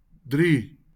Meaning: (numeral) three; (noun) try
- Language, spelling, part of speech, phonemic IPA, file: Afrikaans, drie, numeral / noun, /dri/, LL-Q14196 (afr)-drie.wav